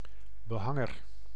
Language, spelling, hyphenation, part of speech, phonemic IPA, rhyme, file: Dutch, behanger, be‧han‧ger, noun, /bəˈɦɑ.ŋər/, -ɑŋər, Nl-behanger.ogg
- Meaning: a wallpaperer, a paperer